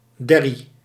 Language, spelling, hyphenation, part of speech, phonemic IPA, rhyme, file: Dutch, derrie, der‧rie, noun, /ˈdɛ.ri/, -ɛri, Nl-derrie.ogg
- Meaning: 1. peat contaminated with clay 2. goop, slime, muck